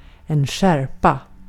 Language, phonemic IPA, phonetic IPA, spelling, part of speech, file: Swedish, /²ɧærpa/, [²ɧærːpa], skärpa, noun / verb, Sv-skärpa.ogg
- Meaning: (noun) 1. sharpness; the cutting ability of an edge 2. sharpness, distinctness in an image; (verb) 1. sharpen; to make sharp 2. tighten; to make stricter